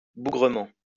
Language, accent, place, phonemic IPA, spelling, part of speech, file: French, France, Lyon, /bu.ɡʁə.mɑ̃/, bougrement, adverb, LL-Q150 (fra)-bougrement.wav
- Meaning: much, many